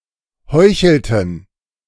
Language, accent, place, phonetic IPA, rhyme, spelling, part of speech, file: German, Germany, Berlin, [ˈhɔɪ̯çl̩tn̩], -ɔɪ̯çl̩tn̩, heuchelten, verb, De-heuchelten.ogg
- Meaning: inflection of heucheln: 1. first/third-person plural preterite 2. first/third-person plural subjunctive II